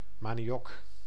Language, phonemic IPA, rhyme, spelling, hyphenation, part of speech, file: Dutch, /ˌmaː.niˈ(j)ɔk/, -ɔk, maniok, ma‧ni‧ok, noun, Nl-maniok.ogg
- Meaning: 1. manioc 2. cassava root, root of the manioc plant